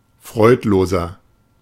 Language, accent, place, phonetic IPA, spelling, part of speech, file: German, Germany, Berlin, [ˈfʁɔɪ̯tˌloːzɐ], freudloser, adjective, De-freudloser.ogg
- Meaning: 1. comparative degree of freudlos 2. inflection of freudlos: strong/mixed nominative masculine singular 3. inflection of freudlos: strong genitive/dative feminine singular